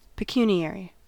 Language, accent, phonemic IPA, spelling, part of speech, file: English, US, /pəˈkjuniˌɛɹi/, pecuniary, adjective, En-us-pecuniary.ogg
- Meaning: Of, or relating to, money; monetary, financial